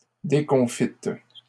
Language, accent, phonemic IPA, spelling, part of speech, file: French, Canada, /de.kɔ̃.fit/, déconfite, adjective, LL-Q150 (fra)-déconfite.wav
- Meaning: feminine singular of déconfit